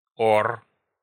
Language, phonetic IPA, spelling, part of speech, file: Russian, [or], ор, noun, Ru-ор.ogg
- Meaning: yelling, shouting